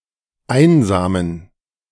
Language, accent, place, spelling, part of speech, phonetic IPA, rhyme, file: German, Germany, Berlin, einsamen, adjective, [ˈaɪ̯nzaːmən], -aɪ̯nzaːmən, De-einsamen.ogg
- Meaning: inflection of einsam: 1. strong genitive masculine/neuter singular 2. weak/mixed genitive/dative all-gender singular 3. strong/weak/mixed accusative masculine singular 4. strong dative plural